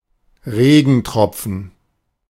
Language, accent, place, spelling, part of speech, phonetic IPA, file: German, Germany, Berlin, Regentropfen, noun, [ˈʁeːɡn̩ˌtʁɔp͡fn̩], De-Regentropfen.ogg
- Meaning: raindrop